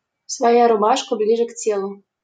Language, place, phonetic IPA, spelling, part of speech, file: Russian, Saint Petersburg, [svɐˈja rʊˈbaʂkə ˈblʲiʐɨ ˈk‿tʲeɫʊ], своя рубашка ближе к телу, phrase, LL-Q7737 (rus)-своя рубашка ближе к телу.wav
- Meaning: self comes first; charity begins at home